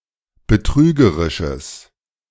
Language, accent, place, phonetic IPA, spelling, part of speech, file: German, Germany, Berlin, [bəˈtʁyːɡəʁɪʃəs], betrügerisches, adjective, De-betrügerisches.ogg
- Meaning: strong/mixed nominative/accusative neuter singular of betrügerisch